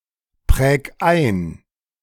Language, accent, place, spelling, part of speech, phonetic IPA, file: German, Germany, Berlin, präg ein, verb, [ˌpʁɛːk ˈaɪ̯n], De-präg ein.ogg
- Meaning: 1. singular imperative of einprägen 2. first-person singular present of einprägen